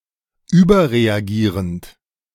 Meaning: present participle of überreagieren
- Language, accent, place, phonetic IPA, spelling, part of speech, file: German, Germany, Berlin, [ˈyːbɐʁeaˌɡiːʁənt], überreagierend, verb, De-überreagierend.ogg